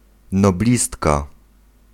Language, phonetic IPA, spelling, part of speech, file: Polish, [nɔˈblʲistka], noblistka, noun, Pl-noblistka.ogg